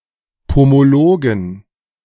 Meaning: plural of Pomologe
- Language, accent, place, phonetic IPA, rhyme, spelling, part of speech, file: German, Germany, Berlin, [pomoˈloːɡn̩], -oːɡn̩, Pomologen, noun, De-Pomologen.ogg